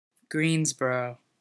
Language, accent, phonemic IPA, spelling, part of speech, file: English, US, /ˈɡriːnzbʌroʊ/, Greensboro, proper noun, En-us-Greensboro.ogg
- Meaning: A locale in the United States: 1. A city, the county seat of Hale County, Alabama; named for Nathanael Greene 2. A town in Gadsden County, Florida; named for founder J. W. Green